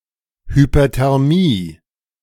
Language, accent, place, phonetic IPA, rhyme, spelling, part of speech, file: German, Germany, Berlin, [hypɐtɛʁˈmiː], -iː, Hyperthermie, noun, De-Hyperthermie.ogg
- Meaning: hyperthermia